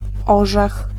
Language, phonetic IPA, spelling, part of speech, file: Polish, [ˈɔʒɛx], orzech, noun, Pl-orzech.ogg